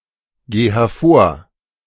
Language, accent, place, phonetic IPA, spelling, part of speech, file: German, Germany, Berlin, [ˌɡeː hɛɐ̯ˈfoːɐ̯], geh hervor, verb, De-geh hervor.ogg
- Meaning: singular imperative of hervorgehen